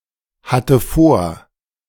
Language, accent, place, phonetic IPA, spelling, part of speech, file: German, Germany, Berlin, [ˌhatə ˈfoːɐ̯], hatte vor, verb, De-hatte vor.ogg
- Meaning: first/third-person singular preterite of vorhaben